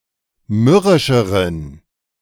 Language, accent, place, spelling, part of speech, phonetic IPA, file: German, Germany, Berlin, mürrischeren, adjective, [ˈmʏʁɪʃəʁən], De-mürrischeren.ogg
- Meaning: inflection of mürrisch: 1. strong genitive masculine/neuter singular comparative degree 2. weak/mixed genitive/dative all-gender singular comparative degree